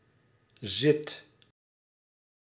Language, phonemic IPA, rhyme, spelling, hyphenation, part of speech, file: Dutch, /zɪt/, -ɪt, zit, zit, noun / verb, Nl-zit.ogg
- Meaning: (noun) 1. the act of sitting 2. an exam term at university or an institution of intermediate tertiary education 3. seat 4. a seat in a legislative or regulatory group (e.g. in a parliament or a board)